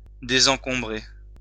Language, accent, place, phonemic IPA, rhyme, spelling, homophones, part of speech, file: French, France, Lyon, /de.zɑ̃.kɔ̃.bʁe/, -e, désencombrer, désencombré / désencombrée / désencombrées / désencombrés / désencombrez, verb, LL-Q150 (fra)-désencombrer.wav
- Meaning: 1. to unclutter; to declutter 2. disencumber; to unburden